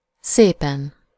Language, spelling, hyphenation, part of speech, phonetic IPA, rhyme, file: Hungarian, szépen, szé‧pen, adverb / adjective, [ˈseːpɛn], -ɛn, Hu-szépen.ogg
- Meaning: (adverb) beautifully, nicely; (adjective) superessive singular of szép